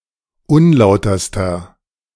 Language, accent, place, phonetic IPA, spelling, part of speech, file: German, Germany, Berlin, [ˈʊnˌlaʊ̯tɐstɐ], unlauterster, adjective, De-unlauterster.ogg
- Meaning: inflection of unlauter: 1. strong/mixed nominative masculine singular superlative degree 2. strong genitive/dative feminine singular superlative degree 3. strong genitive plural superlative degree